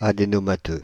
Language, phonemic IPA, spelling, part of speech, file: French, /a.de.nɔ.ma.tø/, adénomateux, adjective, Fr-adénomateux.ogg
- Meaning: adenomatous